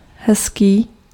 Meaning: nice, pretty
- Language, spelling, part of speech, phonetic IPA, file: Czech, hezký, adjective, [ˈɦɛskiː], Cs-hezký.ogg